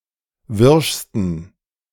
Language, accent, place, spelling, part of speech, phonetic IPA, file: German, Germany, Berlin, wirschsten, adjective, [ˈvɪʁʃstn̩], De-wirschsten.ogg
- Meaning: 1. superlative degree of wirsch 2. inflection of wirsch: strong genitive masculine/neuter singular superlative degree